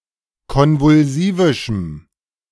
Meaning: strong dative masculine/neuter singular of konvulsivisch
- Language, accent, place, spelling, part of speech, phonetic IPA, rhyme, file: German, Germany, Berlin, konvulsivischem, adjective, [ˌkɔnvʊlˈziːvɪʃm̩], -iːvɪʃm̩, De-konvulsivischem.ogg